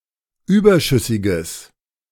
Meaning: strong/mixed nominative/accusative neuter singular of überschüssig
- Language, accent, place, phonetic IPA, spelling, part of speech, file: German, Germany, Berlin, [ˈyːbɐˌʃʏsɪɡəs], überschüssiges, adjective, De-überschüssiges.ogg